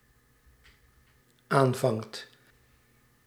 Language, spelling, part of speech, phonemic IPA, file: Dutch, aanvangt, verb, /ˈaɱvɑŋt/, Nl-aanvangt.ogg
- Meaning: second/third-person singular dependent-clause present indicative of aanvangen